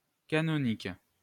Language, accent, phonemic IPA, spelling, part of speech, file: French, France, /ka.nɔ.nik/, canonique, adjective, LL-Q150 (fra)-canonique.wav
- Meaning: canonic, canonical